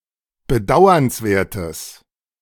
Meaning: strong/mixed nominative/accusative neuter singular of bedauernswert
- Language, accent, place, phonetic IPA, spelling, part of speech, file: German, Germany, Berlin, [bəˈdaʊ̯ɐnsˌveːɐ̯təs], bedauernswertes, adjective, De-bedauernswertes.ogg